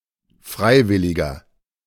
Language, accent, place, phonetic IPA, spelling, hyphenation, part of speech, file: German, Germany, Berlin, [ˈfʁaɪ̯ˌvɪlɪɡɐ], Freiwilliger, Frei‧wil‧li‧ger, noun, De-Freiwilliger.ogg
- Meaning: 1. volunteer (male or of unspecified gender) 2. inflection of Freiwillige: strong genitive/dative singular 3. inflection of Freiwillige: strong genitive plural